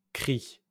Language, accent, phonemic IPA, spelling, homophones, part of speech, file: French, France, /kʁi/, cris, cri / crie / cries / crient, noun / adjective, LL-Q150 (fra)-cris.wav
- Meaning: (noun) plural of cri; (adjective) plural of cri; masculine plural of crie; masculine of cries